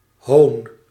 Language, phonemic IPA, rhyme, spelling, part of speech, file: Dutch, /ɦoːn/, -oːn, hoon, noun, Nl-hoon.ogg
- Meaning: 1. mockery, sneering 2. scorn, derision